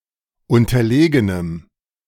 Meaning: strong dative masculine/neuter singular of unterlegen
- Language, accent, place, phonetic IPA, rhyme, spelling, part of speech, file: German, Germany, Berlin, [ˌʊntɐˈleːɡənəm], -eːɡənəm, unterlegenem, adjective, De-unterlegenem.ogg